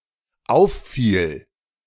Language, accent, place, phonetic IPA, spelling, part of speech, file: German, Germany, Berlin, [ˈaʊ̯fˌfiːl], auffiel, verb, De-auffiel.ogg
- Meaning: first/third-person singular dependent preterite of auffallen